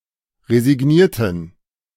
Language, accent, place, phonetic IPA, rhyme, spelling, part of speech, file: German, Germany, Berlin, [ʁezɪˈɡniːɐ̯tn̩], -iːɐ̯tn̩, resignierten, adjective / verb, De-resignierten.ogg
- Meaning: inflection of resigniert: 1. strong genitive masculine/neuter singular 2. weak/mixed genitive/dative all-gender singular 3. strong/weak/mixed accusative masculine singular 4. strong dative plural